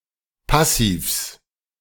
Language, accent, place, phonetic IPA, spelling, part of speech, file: German, Germany, Berlin, [ˈpasiːfs], Passivs, noun, De-Passivs.ogg
- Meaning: genitive singular of Passiv